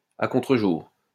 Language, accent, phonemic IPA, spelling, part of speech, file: French, France, /a kɔ̃.tʁə.ʒuʁ/, à contre-jour, adverb, LL-Q150 (fra)-à contre-jour.wav
- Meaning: 1. backlit 2. in darkness, in the dark